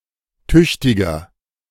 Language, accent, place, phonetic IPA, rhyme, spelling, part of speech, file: German, Germany, Berlin, [ˈtʏçtɪɡɐ], -ʏçtɪɡɐ, tüchtiger, adjective, De-tüchtiger.ogg
- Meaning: 1. comparative degree of tüchtig 2. inflection of tüchtig: strong/mixed nominative masculine singular 3. inflection of tüchtig: strong genitive/dative feminine singular